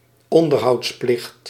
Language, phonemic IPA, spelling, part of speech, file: Dutch, /ˈɔndərhɑutsˌplɪxt/, onderhoudsplicht, noun, Nl-onderhoudsplicht.ogg
- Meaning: the legal obligation of children to cover for the elderly care cost of their parents